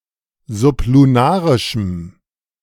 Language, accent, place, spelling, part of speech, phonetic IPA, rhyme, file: German, Germany, Berlin, sublunarischem, adjective, [zʊpluˈnaːʁɪʃm̩], -aːʁɪʃm̩, De-sublunarischem.ogg
- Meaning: strong dative masculine/neuter singular of sublunarisch